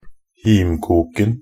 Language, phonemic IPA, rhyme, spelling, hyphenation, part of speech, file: Norwegian Bokmål, /ˈhiːmkuːkn̩/, -uːkn̩, himkoken, him‧kok‧en, noun, Nb-himkoken.ogg
- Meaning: definite singular of himkok